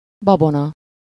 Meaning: 1. superstition 2. misconception, delusion
- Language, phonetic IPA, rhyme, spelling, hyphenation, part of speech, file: Hungarian, [ˈbɒbonɒ], -nɒ, babona, ba‧bo‧na, noun, Hu-babona.ogg